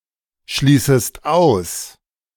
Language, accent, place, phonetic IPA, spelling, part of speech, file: German, Germany, Berlin, [ˌʃliːsəst ˈaʊ̯s], schließest aus, verb, De-schließest aus.ogg
- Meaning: second-person singular subjunctive I of ausschließen